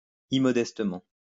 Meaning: immodestly
- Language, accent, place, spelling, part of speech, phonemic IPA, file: French, France, Lyon, immodestement, adverb, /i.mɔ.dɛs.tə.mɑ̃/, LL-Q150 (fra)-immodestement.wav